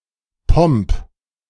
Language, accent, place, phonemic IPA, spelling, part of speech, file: German, Germany, Berlin, /pɔmp/, Pomp, noun, De-Pomp.ogg
- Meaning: pomp